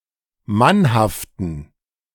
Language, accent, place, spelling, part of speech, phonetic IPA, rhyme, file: German, Germany, Berlin, mannhaften, adjective, [ˈmanhaftn̩], -anhaftn̩, De-mannhaften.ogg
- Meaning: inflection of mannhaft: 1. strong genitive masculine/neuter singular 2. weak/mixed genitive/dative all-gender singular 3. strong/weak/mixed accusative masculine singular 4. strong dative plural